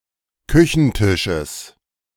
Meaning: genitive singular of Küchentisch
- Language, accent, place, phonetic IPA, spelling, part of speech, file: German, Germany, Berlin, [ˈkʏçn̩ˌtɪʃəs], Küchentisches, noun, De-Küchentisches.ogg